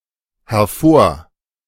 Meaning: A prefix
- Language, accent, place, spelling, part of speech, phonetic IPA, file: German, Germany, Berlin, hervor-, prefix, [hɛɐ̯ˈfoːɐ̯], De-hervor-.ogg